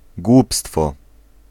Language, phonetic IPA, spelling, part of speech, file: Polish, [ˈɡwupstfɔ], głupstwo, noun, Pl-głupstwo.ogg